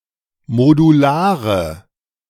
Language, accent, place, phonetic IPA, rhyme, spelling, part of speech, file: German, Germany, Berlin, [moduˈlaːʁə], -aːʁə, modulare, adjective, De-modulare.ogg
- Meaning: inflection of modular: 1. strong/mixed nominative/accusative feminine singular 2. strong nominative/accusative plural 3. weak nominative all-gender singular 4. weak accusative feminine/neuter singular